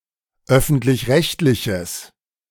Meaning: strong/mixed nominative/accusative neuter singular of öffentlich-rechtlich
- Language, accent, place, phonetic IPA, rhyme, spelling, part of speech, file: German, Germany, Berlin, [ˈœfn̩tlɪçˈʁɛçtlɪçəs], -ɛçtlɪçəs, öffentlich-rechtliches, adjective, De-öffentlich-rechtliches.ogg